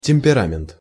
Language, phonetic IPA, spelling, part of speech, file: Russian, [tʲɪm⁽ʲ⁾pʲɪˈramʲɪnt], темперамент, noun, Ru-темперамент.ogg
- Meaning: temperament, temper